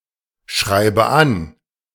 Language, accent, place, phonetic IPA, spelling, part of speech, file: German, Germany, Berlin, [ˌʃʁaɪ̯bə ˈan], schreibe an, verb, De-schreibe an.ogg
- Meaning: inflection of anschreiben: 1. first-person singular present 2. first/third-person singular subjunctive I 3. singular imperative